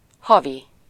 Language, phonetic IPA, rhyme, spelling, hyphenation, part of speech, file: Hungarian, [ˈhɒvi], -vi, havi, ha‧vi, adjective, Hu-havi.ogg
- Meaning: monthly